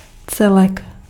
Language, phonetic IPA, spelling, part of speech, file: Czech, [ˈt͡sɛlɛk], celek, noun, Cs-celek.ogg
- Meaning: whole